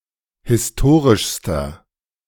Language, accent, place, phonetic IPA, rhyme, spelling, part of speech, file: German, Germany, Berlin, [hɪsˈtoːʁɪʃstɐ], -oːʁɪʃstɐ, historischster, adjective, De-historischster.ogg
- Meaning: inflection of historisch: 1. strong/mixed nominative masculine singular superlative degree 2. strong genitive/dative feminine singular superlative degree 3. strong genitive plural superlative degree